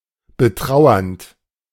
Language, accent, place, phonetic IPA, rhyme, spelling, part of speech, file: German, Germany, Berlin, [bəˈtʁaʊ̯ɐnt], -aʊ̯ɐnt, betrauernd, verb, De-betrauernd.ogg
- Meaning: present participle of betrauern